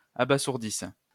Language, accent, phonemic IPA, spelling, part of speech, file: French, France, /a.ba.zuʁ.dis/, abasourdisses, verb, LL-Q150 (fra)-abasourdisses.wav
- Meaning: second-person singular present/imperfect subjunctive of abasourdir